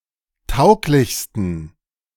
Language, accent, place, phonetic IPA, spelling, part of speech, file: German, Germany, Berlin, [ˈtaʊ̯klɪçstn̩], tauglichsten, adjective, De-tauglichsten.ogg
- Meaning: 1. superlative degree of tauglich 2. inflection of tauglich: strong genitive masculine/neuter singular superlative degree